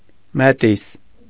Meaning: mestizo (a person of mixed ancestry, especially one of Spanish and Indian heritage)
- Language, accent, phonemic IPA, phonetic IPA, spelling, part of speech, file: Armenian, Eastern Armenian, /meˈtis/, [metís], մետիս, noun, Hy-Մետիս.ogg